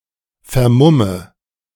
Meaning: inflection of vermummen: 1. first-person singular present 2. first/third-person singular subjunctive I 3. singular imperative
- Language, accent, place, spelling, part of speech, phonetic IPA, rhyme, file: German, Germany, Berlin, vermumme, verb, [fɛɐ̯ˈmʊmə], -ʊmə, De-vermumme.ogg